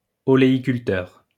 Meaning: olivegrower
- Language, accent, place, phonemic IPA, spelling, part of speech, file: French, France, Lyon, /ɔ.le.i.kyl.tœʁ/, oléiculteur, noun, LL-Q150 (fra)-oléiculteur.wav